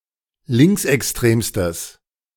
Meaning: strong/mixed nominative/accusative neuter singular superlative degree of linksextrem
- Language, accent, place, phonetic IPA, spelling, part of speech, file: German, Germany, Berlin, [ˈlɪŋksʔɛksˌtʁeːmstəs], linksextremstes, adjective, De-linksextremstes.ogg